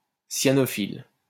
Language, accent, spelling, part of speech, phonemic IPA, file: French, France, cyanophile, adjective, /sja.nɔ.fil/, LL-Q150 (fra)-cyanophile.wav
- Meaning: cyanophilous